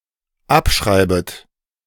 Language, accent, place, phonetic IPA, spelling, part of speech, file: German, Germany, Berlin, [ˈapˌʃʁaɪ̯bət], abschreibet, verb, De-abschreibet.ogg
- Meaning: second-person plural dependent subjunctive I of abschreiben